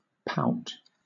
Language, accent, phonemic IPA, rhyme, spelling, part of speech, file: English, Southern England, /paʊt/, -aʊt, pout, verb / noun, LL-Q1860 (eng)-pout.wav
- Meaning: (verb) 1. To push out one's lips; especially, to do so in a gesture of dismay, either serious or playful 2. To thrust itself outward; to be prominent 3. To be or pretend to be ill-tempered; to sulk